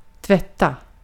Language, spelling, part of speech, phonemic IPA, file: Swedish, tvätta, verb, /ˈtvɛtːˌa/, Sv-tvätta.ogg
- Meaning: to wash, to clean (clean with water (or another solvent, and often soap or detergent) – normally not of washing dishes, see usage notes)